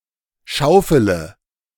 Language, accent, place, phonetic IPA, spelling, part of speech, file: German, Germany, Berlin, [ˈʃaʊ̯fələ], schaufele, verb, De-schaufele.ogg
- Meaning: inflection of schaufeln: 1. first-person singular present 2. singular imperative 3. first/third-person singular subjunctive I